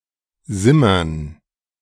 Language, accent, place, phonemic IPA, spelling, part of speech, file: German, Germany, Berlin, /ˈzɪmɐn/, simmern, verb, De-simmern.ogg
- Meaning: to simmer